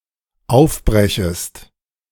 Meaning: second-person singular dependent subjunctive I of aufbrechen
- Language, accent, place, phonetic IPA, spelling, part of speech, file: German, Germany, Berlin, [ˈaʊ̯fˌbʁɛçəst], aufbrechest, verb, De-aufbrechest.ogg